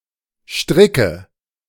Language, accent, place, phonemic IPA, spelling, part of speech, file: German, Germany, Berlin, /ˈʃtʁɪkə/, stricke, verb, De-stricke.ogg
- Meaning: inflection of stricken: 1. first-person singular present 2. first/third-person singular subjunctive I 3. singular imperative